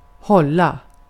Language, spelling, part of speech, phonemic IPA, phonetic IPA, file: Swedish, hålla, verb, /²hɔla/, [ˈhɔ̂lːä], Sv-hålla.ogg
- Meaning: 1. to hold (grasp or grip) 2. to hold (a social event, party, (larger) meeting, conference, or the like) 3. to keep, to hold (hold/maintain the status of something): to hold (cause to wait)